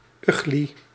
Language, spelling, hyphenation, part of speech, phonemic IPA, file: Dutch, ugli, ugli, noun, /ˈy.ɣli/, Nl-ugli.ogg
- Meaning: ugli